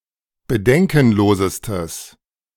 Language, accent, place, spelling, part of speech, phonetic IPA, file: German, Germany, Berlin, bedenkenlosestes, adjective, [bəˈdɛŋkn̩ˌloːzəstəs], De-bedenkenlosestes.ogg
- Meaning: strong/mixed nominative/accusative neuter singular superlative degree of bedenkenlos